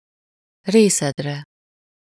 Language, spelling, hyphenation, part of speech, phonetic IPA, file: Hungarian, részedre, ré‧szed‧re, pronoun, [ˈreːsɛdrɛ], Hu-részedre.ogg
- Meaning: second-person singular of részére